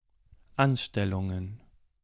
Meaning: plural of Anstellung
- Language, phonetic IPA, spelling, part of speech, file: German, [ˈanˌʃtɛlʊŋən], Anstellungen, noun, De-Anstellungen.ogg